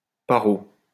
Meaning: neurotic, crazy
- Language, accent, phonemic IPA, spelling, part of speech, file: French, France, /pa.ʁo/, paro, adjective, LL-Q150 (fra)-paro.wav